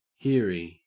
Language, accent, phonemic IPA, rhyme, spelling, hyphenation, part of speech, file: English, Australia, /ˈhɪə.ɹi/, -ɪəɹi, hearie, hear‧ie, noun, En-au-hearie.ogg
- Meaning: A hearing person